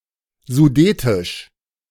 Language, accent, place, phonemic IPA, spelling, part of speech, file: German, Germany, Berlin, /zuˈdeːtɪʃ/, sudetisch, adjective, De-sudetisch.ogg
- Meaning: Sudetic, Sudeten-